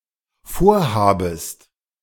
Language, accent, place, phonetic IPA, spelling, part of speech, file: German, Germany, Berlin, [ˈfoːɐ̯ˌhaːbəst], vorhabest, verb, De-vorhabest.ogg
- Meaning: second-person singular dependent subjunctive I of vorhaben